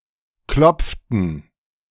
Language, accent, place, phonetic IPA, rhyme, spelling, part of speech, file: German, Germany, Berlin, [ˈklɔp͡ftn̩], -ɔp͡ftn̩, klopften, verb, De-klopften.ogg
- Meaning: inflection of klopfen: 1. first/third-person plural preterite 2. first/third-person plural subjunctive II